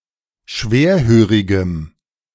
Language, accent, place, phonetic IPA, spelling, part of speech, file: German, Germany, Berlin, [ˈʃveːɐ̯ˌhøːʁɪɡəm], schwerhörigem, adjective, De-schwerhörigem.ogg
- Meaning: strong dative masculine/neuter singular of schwerhörig